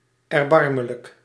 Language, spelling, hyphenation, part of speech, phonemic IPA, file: Dutch, erbarmelijk, er‧bar‧me‧lijk, adjective, /ɛrˈbɑr.mə.lək/, Nl-erbarmelijk.ogg
- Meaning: miserable, pathetic